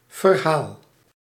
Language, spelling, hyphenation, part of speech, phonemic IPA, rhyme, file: Dutch, verhaal, ver‧haal, noun / verb, /vərˈɦaːl/, -aːl, Nl-verhaal.ogg
- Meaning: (noun) 1. story 2. redress, reparation, remedy; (verb) inflection of verhalen: 1. first-person singular present indicative 2. second-person singular present indicative 3. imperative